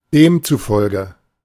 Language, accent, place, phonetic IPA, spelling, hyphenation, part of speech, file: German, Germany, Berlin, [ˈdeːmtsuˌfɔlɡə], demzufolge, dem‧zu‧fol‧ge, adverb, De-demzufolge.ogg
- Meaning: 1. therefore, hence 2. accordingly, according to that